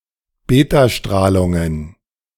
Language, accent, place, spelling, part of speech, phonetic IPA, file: German, Germany, Berlin, Betastrahlungen, noun, [ˈbeːtaˌʃtʁaːlʊŋən], De-Betastrahlungen.ogg
- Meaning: plural of Betastrahlung